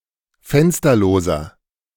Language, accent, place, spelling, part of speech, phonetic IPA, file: German, Germany, Berlin, fensterloser, adjective, [ˈfɛnstɐloːzɐ], De-fensterloser.ogg
- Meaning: inflection of fensterlos: 1. strong/mixed nominative masculine singular 2. strong genitive/dative feminine singular 3. strong genitive plural